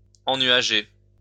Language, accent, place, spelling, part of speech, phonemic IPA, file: French, France, Lyon, ennuager, verb, /ɑ̃.nɥa.ʒe/, LL-Q150 (fra)-ennuager.wav
- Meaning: to cloud over (become cloudy)